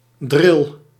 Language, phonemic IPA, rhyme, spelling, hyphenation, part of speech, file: Dutch, /drɪl/, -ɪl, dril, dril, noun / verb, Nl-dril.ogg
- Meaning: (noun) 1. a drill (Mandrillus leucophaeus) 2. drill (dense, stout fabric, often of linen or cotton); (verb) inflection of drillen: first-person singular present indicative